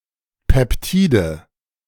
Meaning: nominative/accusative/genitive plural of Peptid
- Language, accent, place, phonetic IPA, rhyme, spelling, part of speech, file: German, Germany, Berlin, [ˌpɛpˈtiːdə], -iːdə, Peptide, noun, De-Peptide.ogg